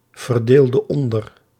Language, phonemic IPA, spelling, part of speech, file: Dutch, /vərˈdeldə ˈɔndər/, verdeelde onder, verb, Nl-verdeelde onder.ogg
- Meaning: inflection of onderverdelen: 1. singular past indicative 2. singular past subjunctive